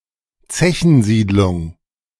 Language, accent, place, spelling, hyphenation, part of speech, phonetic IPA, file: German, Germany, Berlin, Zechensiedlung, Ze‧chen‧sied‧lung, noun, [ˈt͡sɛçn̩ˌziːd.lʊŋ], De-Zechensiedlung.ogg
- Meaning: colliery settlement